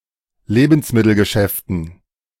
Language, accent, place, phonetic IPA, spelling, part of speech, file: German, Germany, Berlin, [ˈleːbn̩smɪtl̩ɡəˌʃɛftn̩], Lebensmittelgeschäften, noun, De-Lebensmittelgeschäften.ogg
- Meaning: dative plural of Lebensmittelgeschäft